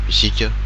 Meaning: First person plural inclusive
- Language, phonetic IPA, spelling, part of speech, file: Malagasy, [i.ˈsʲi.kʲə], isika, pronoun, Mg-isika.ogg